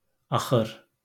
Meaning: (noun) end, ending; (adverb) finally
- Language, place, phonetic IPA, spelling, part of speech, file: Azerbaijani, Baku, [ɑχɯr], axır, noun / adverb, LL-Q9292 (aze)-axır.wav